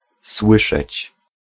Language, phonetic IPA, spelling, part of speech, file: Polish, [ˈswɨʃɛt͡ɕ], słyszeć, verb, Pl-słyszeć.ogg